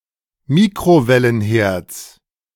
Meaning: genitive of Mikrowellenherd
- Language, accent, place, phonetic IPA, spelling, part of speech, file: German, Germany, Berlin, [ˈmiːkʁovɛlənˌheːɐ̯t͡s], Mikrowellenherds, noun, De-Mikrowellenherds.ogg